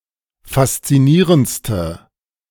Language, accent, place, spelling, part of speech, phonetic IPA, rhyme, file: German, Germany, Berlin, faszinierendste, adjective, [fast͡siˈniːʁənt͡stə], -iːʁənt͡stə, De-faszinierendste.ogg
- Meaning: inflection of faszinierend: 1. strong/mixed nominative/accusative feminine singular superlative degree 2. strong nominative/accusative plural superlative degree